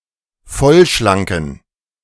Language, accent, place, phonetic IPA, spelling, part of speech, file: German, Germany, Berlin, [ˈfɔlʃlaŋkn̩], vollschlanken, adjective, De-vollschlanken.ogg
- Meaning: inflection of vollschlank: 1. strong genitive masculine/neuter singular 2. weak/mixed genitive/dative all-gender singular 3. strong/weak/mixed accusative masculine singular 4. strong dative plural